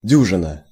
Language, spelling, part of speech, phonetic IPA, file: Russian, дюжина, noun, [ˈdʲuʐɨnə], Ru-дюжина.ogg
- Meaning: dozen